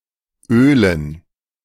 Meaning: dative plural of Öl
- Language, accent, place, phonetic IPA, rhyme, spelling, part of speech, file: German, Germany, Berlin, [ˈøːlən], -øːlən, Ölen, noun, De-Ölen.ogg